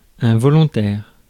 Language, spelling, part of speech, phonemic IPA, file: French, volontaire, adjective / noun, /vɔ.lɔ̃.tɛʁ/, Fr-volontaire.ogg
- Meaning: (adjective) 1. voluntary, deliberate 2. volunteer 3. determined 4. wilful